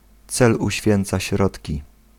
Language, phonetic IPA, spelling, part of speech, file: Polish, [ˈt͡sɛl uɕˈfʲjɛ̃nt͡sa ˈɕrɔtʲci], cel uświęca środki, proverb, Pl-cel uświęca środki.ogg